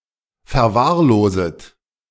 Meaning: second-person plural subjunctive I of verwahrlosen
- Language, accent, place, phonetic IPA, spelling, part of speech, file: German, Germany, Berlin, [fɛɐ̯ˈvaːɐ̯ˌloːzət], verwahrloset, verb, De-verwahrloset.ogg